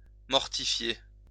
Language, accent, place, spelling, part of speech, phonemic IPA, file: French, France, Lyon, mortifier, verb, /mɔʁ.ti.fje/, LL-Q150 (fra)-mortifier.wav
- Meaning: to mortify, humiliate